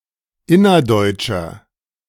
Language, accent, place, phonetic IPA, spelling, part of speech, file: German, Germany, Berlin, [ˈɪnɐˌdɔɪ̯t͡ʃɐ], innerdeutscher, adjective, De-innerdeutscher.ogg
- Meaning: inflection of innerdeutsch: 1. strong/mixed nominative masculine singular 2. strong genitive/dative feminine singular 3. strong genitive plural